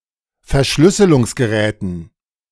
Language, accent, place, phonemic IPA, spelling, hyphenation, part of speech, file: German, Germany, Berlin, /ˈfɛɐ̯ˈʃlʏsəlʊŋs.ɡəˌʁɛːtn̩/, Verschlüsselungsgeräten, Ver‧schlüs‧se‧lungs‧ge‧rä‧ten, noun, De-Verschlüsselungsgeräten.ogg
- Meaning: dative plural of Verschlüsselungsgerät